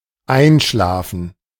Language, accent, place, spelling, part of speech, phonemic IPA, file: German, Germany, Berlin, einschlafen, verb, /ˈaɪ̯nˌʃlaːfən/, De-einschlafen.ogg
- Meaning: 1. to fall asleep 2. to pass away, die (peacefully) 3. to fall asleep (become numb) 4. to die down, to cease being active (e.g. of projects or maintained contact)